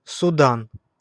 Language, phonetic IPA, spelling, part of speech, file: Russian, [sʊˈdan], Судан, proper noun, Ru-Судан.ogg
- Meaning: Sudan (a country in North Africa and East Africa)